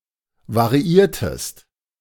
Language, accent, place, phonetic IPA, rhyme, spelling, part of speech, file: German, Germany, Berlin, [vaʁiˈiːɐ̯təst], -iːɐ̯təst, variiertest, verb, De-variiertest.ogg
- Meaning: inflection of variieren: 1. second-person singular preterite 2. second-person singular subjunctive II